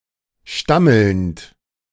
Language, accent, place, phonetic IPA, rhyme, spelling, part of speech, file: German, Germany, Berlin, [ˈʃtaml̩nt], -aml̩nt, stammelnd, verb, De-stammelnd.ogg
- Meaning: present participle of stammeln